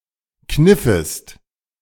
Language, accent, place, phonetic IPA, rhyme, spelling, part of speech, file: German, Germany, Berlin, [ˈknɪfəst], -ɪfəst, kniffest, verb, De-kniffest.ogg
- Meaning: second-person singular subjunctive II of kneifen